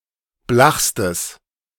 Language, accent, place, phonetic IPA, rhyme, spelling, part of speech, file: German, Germany, Berlin, [ˈblaxstəs], -axstəs, blachstes, adjective, De-blachstes.ogg
- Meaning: strong/mixed nominative/accusative neuter singular superlative degree of blach